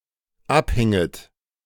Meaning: second-person plural dependent subjunctive II of abhängen
- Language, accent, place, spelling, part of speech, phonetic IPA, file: German, Germany, Berlin, abhinget, verb, [ˈapˌhɪŋət], De-abhinget.ogg